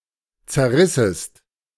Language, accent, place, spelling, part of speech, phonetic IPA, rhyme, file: German, Germany, Berlin, zerrissest, verb, [t͡sɛɐ̯ˈʁɪsəst], -ɪsəst, De-zerrissest.ogg
- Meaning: second-person singular subjunctive II of zerreißen